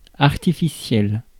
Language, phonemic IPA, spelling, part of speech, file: French, /aʁ.ti.fi.sjɛl/, artificiel, adjective, Fr-artificiel.ogg
- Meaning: artificial